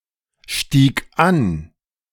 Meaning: first/third-person singular preterite of ansteigen
- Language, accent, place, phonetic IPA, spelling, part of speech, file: German, Germany, Berlin, [ˌʃtiːk ˈan], stieg an, verb, De-stieg an.ogg